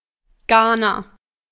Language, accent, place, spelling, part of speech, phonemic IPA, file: German, Germany, Berlin, Ghana, proper noun, /ˈɡaːna/, De-Ghana.ogg
- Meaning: Ghana (a country in West Africa)